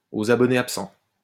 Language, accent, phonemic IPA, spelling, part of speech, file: French, France, /o.z‿a.bɔ.ne ap.sɑ̃/, aux abonnés absents, adverb, LL-Q150 (fra)-aux abonnés absents.wav
- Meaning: unavailable or impossible to get in touch with